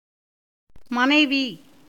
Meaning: wife
- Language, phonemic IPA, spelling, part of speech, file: Tamil, /mɐnɐɪ̯ʋiː/, மனைவி, noun, Ta-மனைவி.ogg